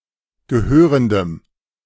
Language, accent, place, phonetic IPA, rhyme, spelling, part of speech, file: German, Germany, Berlin, [ɡəˈhøːʁəndəm], -øːʁəndəm, gehörendem, adjective, De-gehörendem.ogg
- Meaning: strong dative masculine/neuter singular of gehörend